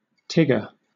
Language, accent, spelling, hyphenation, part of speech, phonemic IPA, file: English, Southern England, Tigger, Tig‧ger, noun, /ˈtɪɡə/, LL-Q1860 (eng)-Tigger.wav
- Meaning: 1. An overly enthusiastic or energetic person, often characterized by bouncing 2. A member of The Independent Group for Change, a pro-European British political party that existed in 2019